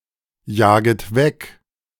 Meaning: second-person plural subjunctive I of wegjagen
- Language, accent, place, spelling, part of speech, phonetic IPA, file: German, Germany, Berlin, jaget weg, verb, [ˌjaːɡət ˈvɛk], De-jaget weg.ogg